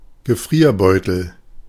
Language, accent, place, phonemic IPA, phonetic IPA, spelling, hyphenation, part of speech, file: German, Germany, Berlin, /ɡəˈfʁiːɐ̯ˌbɔʏ̯təl/, [ɡəˈfʁiːɐ̯ˌbɔø̯tl̩], Gefrierbeutel, Gefrier‧beu‧tel, noun, De-Gefrierbeutel.ogg
- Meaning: freezer bag